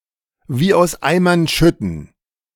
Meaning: to rain buckets, to rain cats and dogs
- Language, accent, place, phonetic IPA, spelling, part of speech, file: German, Germany, Berlin, [viː aʊ̯s ˈaɪ̯mɐn ˌʃʏtn̩], wie aus Eimern schütten, phrase, De-wie aus Eimern schütten.ogg